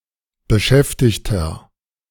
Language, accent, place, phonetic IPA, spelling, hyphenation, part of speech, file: German, Germany, Berlin, [bəˈʃɛftɪçtɐ], Beschäftigter, Be‧schäf‧tig‧ter, noun, De-Beschäftigter.ogg
- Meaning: 1. nominalization of beschäftigt: employee (male or of unspecified gender) 2. inflection of Beschäftigte: strong genitive/dative singular 3. inflection of Beschäftigte: strong genitive plural